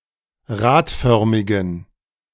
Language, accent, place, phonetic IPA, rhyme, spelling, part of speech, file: German, Germany, Berlin, [ˈʁaːtˌfœʁmɪɡn̩], -aːtfœʁmɪɡn̩, radförmigen, adjective, De-radförmigen.ogg
- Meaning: inflection of radförmig: 1. strong genitive masculine/neuter singular 2. weak/mixed genitive/dative all-gender singular 3. strong/weak/mixed accusative masculine singular 4. strong dative plural